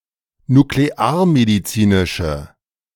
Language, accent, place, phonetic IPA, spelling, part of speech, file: German, Germany, Berlin, [nukleˈaːɐ̯mediˌt͡siːnɪʃə], nuklearmedizinische, adjective, De-nuklearmedizinische.ogg
- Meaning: inflection of nuklearmedizinisch: 1. strong/mixed nominative/accusative feminine singular 2. strong nominative/accusative plural 3. weak nominative all-gender singular